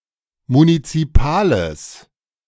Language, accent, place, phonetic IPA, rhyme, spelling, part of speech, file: German, Germany, Berlin, [munit͡siˈpaːləs], -aːləs, munizipales, adjective, De-munizipales.ogg
- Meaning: strong/mixed nominative/accusative neuter singular of munizipal